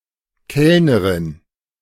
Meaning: waitress, waiter (female)
- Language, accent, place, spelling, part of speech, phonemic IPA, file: German, Germany, Berlin, Kellnerin, noun, /ˈkɛlnəʁɪn/, De-Kellnerin.ogg